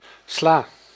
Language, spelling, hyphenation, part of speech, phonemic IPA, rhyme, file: Dutch, sla, sla, noun / verb, /slaː/, -aː, Nl-sla.ogg
- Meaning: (noun) 1. lettuce 2. salad; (verb) inflection of slaan: 1. first-person singular present indicative 2. second-person singular present indicative 3. imperative 4. singular present subjunctive